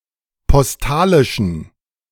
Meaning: inflection of postalisch: 1. strong genitive masculine/neuter singular 2. weak/mixed genitive/dative all-gender singular 3. strong/weak/mixed accusative masculine singular 4. strong dative plural
- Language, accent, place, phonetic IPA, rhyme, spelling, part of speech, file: German, Germany, Berlin, [pɔsˈtaːlɪʃn̩], -aːlɪʃn̩, postalischen, adjective, De-postalischen.ogg